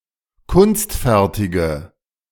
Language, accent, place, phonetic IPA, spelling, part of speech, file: German, Germany, Berlin, [ˈkʊnstˌfɛʁtɪɡə], kunstfertige, adjective, De-kunstfertige.ogg
- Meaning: inflection of kunstfertig: 1. strong/mixed nominative/accusative feminine singular 2. strong nominative/accusative plural 3. weak nominative all-gender singular